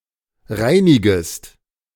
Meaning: second-person singular subjunctive I of reinigen
- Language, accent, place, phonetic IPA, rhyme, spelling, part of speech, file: German, Germany, Berlin, [ˈʁaɪ̯nɪɡəst], -aɪ̯nɪɡəst, reinigest, verb, De-reinigest.ogg